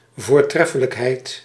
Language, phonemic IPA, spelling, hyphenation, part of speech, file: Dutch, /vorˈtrɛfələkhɛit/, voortreffelijkheid, voor‧tref‧fe‧lijk‧heid, noun, Nl-voortreffelijkheid.ogg
- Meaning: excellence, exquisiteness